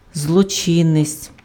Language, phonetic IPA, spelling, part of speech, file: Ukrainian, [zɫɔˈt͡ʃɪnet͡sʲ], злочинець, noun, Uk-злочинець.ogg
- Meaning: 1. criminal, offender, lawbreaker 2. wrongdoer, evildoer, malefactor